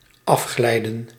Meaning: 1. to slide down 2. to slip off
- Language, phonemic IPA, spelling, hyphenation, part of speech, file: Dutch, /ˈɑfˌxlɛi̯.də(n)/, afglijden, af‧glij‧den, verb, Nl-afglijden.ogg